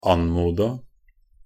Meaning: 1. simple past of anmode 2. past participle definite singular of anmode 3. past participle plural of anmode 4. past participle common of anmode 5. past participle neuter of anmode
- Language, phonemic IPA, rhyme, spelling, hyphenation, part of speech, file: Norwegian Bokmål, /ˈan.muːda/, -uːda, anmoda, an‧mo‧da, verb, Nb-anmoda.ogg